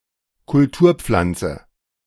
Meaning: 1. crop 2. cultivar 3. cultigen
- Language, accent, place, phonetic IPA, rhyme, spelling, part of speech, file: German, Germany, Berlin, [kʊlˈtuːɐ̯ˌp͡flant͡sə], -uːɐ̯p͡flant͡sə, Kulturpflanze, noun, De-Kulturpflanze.ogg